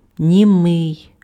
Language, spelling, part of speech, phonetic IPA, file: Ukrainian, німий, adjective / noun, [nʲiˈmɪi̯], Uk-німий.ogg
- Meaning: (adjective) 1. mute 2. speechless 3. silent, quiet; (noun) mute person